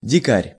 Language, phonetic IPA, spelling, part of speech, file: Russian, [dʲɪˈkarʲ], дикарь, noun, Ru-дикарь.ogg
- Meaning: 1. savage 2. shy person, unsociable person 3. non-official holiday-maker (without a tour group or a prepaid hotel)